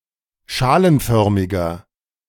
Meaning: inflection of schalenförmig: 1. strong/mixed nominative masculine singular 2. strong genitive/dative feminine singular 3. strong genitive plural
- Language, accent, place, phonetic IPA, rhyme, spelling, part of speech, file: German, Germany, Berlin, [ˈʃaːlənˌfœʁmɪɡɐ], -aːlənfœʁmɪɡɐ, schalenförmiger, adjective, De-schalenförmiger.ogg